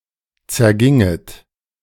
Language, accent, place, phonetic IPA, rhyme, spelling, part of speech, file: German, Germany, Berlin, [t͡sɛɐ̯ˈɡɪŋət], -ɪŋət, zerginget, verb, De-zerginget.ogg
- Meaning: second-person plural subjunctive II of zergehen